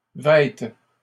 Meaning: third-person plural present indicative/subjunctive of vêtir
- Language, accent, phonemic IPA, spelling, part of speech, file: French, Canada, /vɛt/, vêtent, verb, LL-Q150 (fra)-vêtent.wav